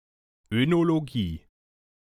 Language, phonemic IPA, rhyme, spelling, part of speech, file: German, /ønoloˈɡiː/, -iː, Önologie, noun, De-Önologie.ogg
- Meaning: oenology: 1. the study of wine in general (including cultivation, production, marketing, gastronomy, history, etc.) 2. the study of wine production in the cellar, i.e. between harvest and bottling